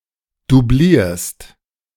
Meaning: second-person singular present of dublieren
- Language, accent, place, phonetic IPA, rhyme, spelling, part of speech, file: German, Germany, Berlin, [duˈbliːɐ̯st], -iːɐ̯st, dublierst, verb, De-dublierst.ogg